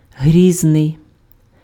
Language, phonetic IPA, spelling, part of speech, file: Ukrainian, [ˈɦrʲiznei̯], грізний, adjective, Uk-грізний.ogg
- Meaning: terrible, formidable